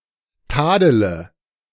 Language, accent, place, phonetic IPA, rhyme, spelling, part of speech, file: German, Germany, Berlin, [ˈtaːdələ], -aːdələ, tadele, verb, De-tadele.ogg
- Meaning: inflection of tadeln: 1. first-person singular present 2. first/third-person singular subjunctive I 3. singular imperative